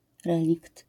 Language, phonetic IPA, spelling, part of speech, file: Polish, [ˈrɛlʲikt], relikt, noun, LL-Q809 (pol)-relikt.wav